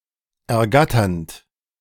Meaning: present participle of ergattern
- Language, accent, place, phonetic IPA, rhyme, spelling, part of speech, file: German, Germany, Berlin, [ɛɐ̯ˈɡatɐnt], -atɐnt, ergatternd, verb, De-ergatternd.ogg